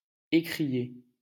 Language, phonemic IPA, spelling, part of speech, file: French, /e.kʁi.je/, écrier, verb, LL-Q150 (fra)-écrier.wav
- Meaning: 1. to exclaim 2. to yell, scream